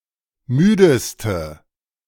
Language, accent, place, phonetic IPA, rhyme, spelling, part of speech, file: German, Germany, Berlin, [ˈmyːdəstə], -yːdəstə, müdeste, adjective, De-müdeste.ogg
- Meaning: inflection of müde: 1. strong/mixed nominative/accusative feminine singular superlative degree 2. strong nominative/accusative plural superlative degree